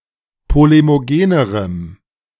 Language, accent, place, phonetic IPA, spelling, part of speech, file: German, Germany, Berlin, [ˌpolemoˈɡeːnəʁəm], polemogenerem, adjective, De-polemogenerem.ogg
- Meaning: strong dative masculine/neuter singular comparative degree of polemogen